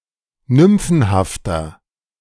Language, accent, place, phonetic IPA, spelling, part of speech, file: German, Germany, Berlin, [ˈnʏmfn̩haftɐ], nymphenhafter, adjective, De-nymphenhafter.ogg
- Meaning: 1. comparative degree of nymphenhaft 2. inflection of nymphenhaft: strong/mixed nominative masculine singular 3. inflection of nymphenhaft: strong genitive/dative feminine singular